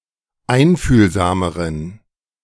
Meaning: inflection of einfühlsam: 1. strong genitive masculine/neuter singular comparative degree 2. weak/mixed genitive/dative all-gender singular comparative degree
- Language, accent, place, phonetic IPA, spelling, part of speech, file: German, Germany, Berlin, [ˈaɪ̯nfyːlzaːməʁən], einfühlsameren, adjective, De-einfühlsameren.ogg